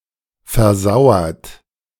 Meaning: past participle of versauern
- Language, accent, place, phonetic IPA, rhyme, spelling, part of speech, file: German, Germany, Berlin, [fɛɐ̯ˈzaʊ̯ɐt], -aʊ̯ɐt, versauert, verb, De-versauert.ogg